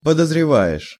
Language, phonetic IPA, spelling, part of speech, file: Russian, [pədəzrʲɪˈva(j)ɪʂ], подозреваешь, verb, Ru-подозреваешь.ogg
- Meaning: second-person singular present indicative imperfective of подозрева́ть (podozrevátʹ)